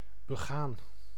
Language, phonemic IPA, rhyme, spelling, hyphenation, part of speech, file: Dutch, /bəˈɣaːn/, -aːn, begaan, be‧gaan, verb, Nl-begaan.ogg
- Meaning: 1. to walk upon, to tread on 2. to move upon, to travel on 3. to commit (e.g. a misdeed) 4. to do, to act as one wills 5. past participle of begaan